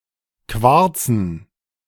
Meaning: dative plural of Quarz
- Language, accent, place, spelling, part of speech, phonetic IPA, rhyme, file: German, Germany, Berlin, Quarzen, noun, [ˈkvaʁt͡sn̩], -aʁt͡sn̩, De-Quarzen.ogg